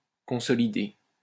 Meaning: 1. to consolidate (make more solid) 2. to consolidate
- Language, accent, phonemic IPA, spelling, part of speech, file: French, France, /kɔ̃.sɔ.li.de/, consolider, verb, LL-Q150 (fra)-consolider.wav